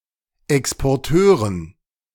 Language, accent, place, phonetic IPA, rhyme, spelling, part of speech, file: German, Germany, Berlin, [ɛkspɔʁˈtøːʁən], -øːʁən, Exporteuren, noun, De-Exporteuren.ogg
- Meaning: dative plural of Exporteur